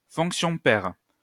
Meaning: even function
- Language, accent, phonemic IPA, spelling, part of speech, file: French, France, /fɔ̃k.sjɔ̃ pɛʁ/, fonction paire, noun, LL-Q150 (fra)-fonction paire.wav